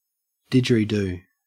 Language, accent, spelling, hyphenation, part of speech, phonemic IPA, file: English, Australia, didgeridoo, did‧ger‧i‧doo, noun / verb, /ˌdɪd͡ʒ.əɹ.iˈduː/, En-au-didgeridoo.ogg
- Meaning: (noun) A musical instrument, endemic to the Top End of Australia, consisting of a long hollowed-out log which, when blown into, produces a low, deep mesmerising drone with sweeping rhythms